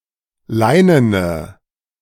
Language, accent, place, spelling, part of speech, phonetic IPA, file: German, Germany, Berlin, leinene, adjective, [ˈlaɪ̯nənə], De-leinene.ogg
- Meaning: inflection of leinen: 1. strong/mixed nominative/accusative feminine singular 2. strong nominative/accusative plural 3. weak nominative all-gender singular 4. weak accusative feminine/neuter singular